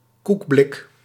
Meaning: 1. biscuit tin (metal container for biscuits, cake, cookies, etc.) 2. small car of poor quality
- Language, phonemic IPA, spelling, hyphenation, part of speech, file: Dutch, /ˈkuk.blɪk/, koekblik, koek‧blik, noun, Nl-koekblik.ogg